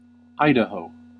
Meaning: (proper noun) 1. A state in the western United States. Capital and largest city: Boise 2. An unincorporated community in Pike County, Ohio, United States, named for Idaho Territory
- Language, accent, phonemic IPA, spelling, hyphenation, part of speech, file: English, General American, /ˈaɪdəˌhoʊ/, Idaho, Ida‧ho, proper noun / noun, En-us-Idaho.ogg